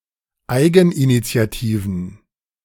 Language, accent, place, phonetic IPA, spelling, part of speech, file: German, Germany, Berlin, [ˈaɪ̯ɡn̩ʔinit͡si̯aˌtiːvn̩], eigeninitiativen, adjective, De-eigeninitiativen.ogg
- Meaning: inflection of eigeninitiativ: 1. strong genitive masculine/neuter singular 2. weak/mixed genitive/dative all-gender singular 3. strong/weak/mixed accusative masculine singular 4. strong dative plural